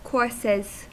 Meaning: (noun) 1. plural of course 2. Menses; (verb) third-person singular simple present indicative of course
- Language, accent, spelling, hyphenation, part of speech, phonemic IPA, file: English, US, courses, courses, noun / verb, /ˈkɔɹsɪz/, En-us-courses.ogg